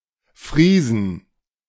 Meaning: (proper noun) a commune of Haut-Rhin department, Alsace; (noun) 1. genitive singular of Friese 2. plural of Friese
- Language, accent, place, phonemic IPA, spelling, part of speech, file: German, Germany, Berlin, /ˈfʁiːzən/, Friesen, proper noun / noun, De-Friesen.ogg